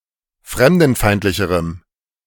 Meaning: strong dative masculine/neuter singular comparative degree of fremdenfeindlich
- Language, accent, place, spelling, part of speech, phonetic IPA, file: German, Germany, Berlin, fremdenfeindlicherem, adjective, [ˈfʁɛmdn̩ˌfaɪ̯ntlɪçəʁəm], De-fremdenfeindlicherem.ogg